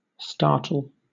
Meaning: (verb) 1. To move suddenly, or be excited, on feeling alarm; to start 2. To excite by sudden alarm, surprise, or apprehension; to frighten suddenly and not seriously; to alarm; to surprise
- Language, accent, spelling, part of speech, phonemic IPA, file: English, Southern England, startle, verb / noun, /ˈstɑːt(ə)l/, LL-Q1860 (eng)-startle.wav